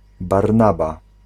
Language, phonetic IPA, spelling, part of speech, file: Polish, [barˈnaba], Barnaba, proper noun, Pl-Barnaba.ogg